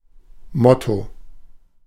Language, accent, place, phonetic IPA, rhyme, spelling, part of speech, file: German, Germany, Berlin, [ˈmɔto], -ɔto, Motto, noun, De-Motto.ogg
- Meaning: motto, slogan